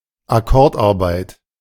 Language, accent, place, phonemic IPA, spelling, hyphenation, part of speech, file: German, Germany, Berlin, /aˈkɔʁtʔaʁˌbaɪ̯t/, Akkordarbeit, Ak‧kord‧ar‧beit, noun, De-Akkordarbeit.ogg
- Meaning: piecework